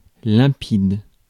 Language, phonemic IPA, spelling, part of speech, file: French, /lɛ̃.pid/, limpide, adjective, Fr-limpide.ogg
- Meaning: clear, limpid (especially of water)